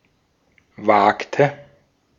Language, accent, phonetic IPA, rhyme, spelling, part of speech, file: German, Austria, [ˈvaːktə], -aːktə, wagte, verb, De-at-wagte.ogg
- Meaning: inflection of wagen: 1. first/third-person singular preterite 2. first/third-person singular subjunctive II